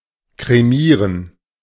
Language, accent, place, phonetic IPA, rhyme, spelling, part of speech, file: German, Germany, Berlin, [kʁeˈmiːʁən], -iːʁən, kremieren, verb, De-kremieren.ogg
- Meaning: to cremate